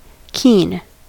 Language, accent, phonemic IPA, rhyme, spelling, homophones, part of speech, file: English, General American, /kin/, -iːn, keen, Keane / Keene, adjective / verb / noun, En-us-keen.ogg
- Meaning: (adjective) 1. Often with a prepositional phrase, or with to and an infinitive: showing a quick and ardent responsiveness or willingness; eager, enthusiastic, interested 2. Fierce, intense, vehement